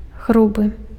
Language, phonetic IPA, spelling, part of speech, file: Belarusian, [ˈɣrubɨ], грубы, adjective, Be-грубы.ogg
- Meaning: rough